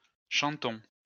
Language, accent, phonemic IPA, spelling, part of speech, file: French, France, /ʃɑ̃.tɔ̃/, chantons, verb, LL-Q150 (fra)-chantons.wav
- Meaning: first-person plural present indicative of chanter